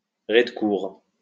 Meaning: courtyard level (storey of a building that opens onto a courtyard)
- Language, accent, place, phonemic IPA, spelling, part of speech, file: French, France, Lyon, /ʁe.d(ə).kuʁ/, rez-de-cour, noun, LL-Q150 (fra)-rez-de-cour.wav